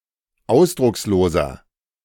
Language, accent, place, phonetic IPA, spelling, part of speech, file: German, Germany, Berlin, [ˈaʊ̯sdʁʊksloːzɐ], ausdrucksloser, adjective, De-ausdrucksloser.ogg
- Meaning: 1. comparative degree of ausdruckslos 2. inflection of ausdruckslos: strong/mixed nominative masculine singular 3. inflection of ausdruckslos: strong genitive/dative feminine singular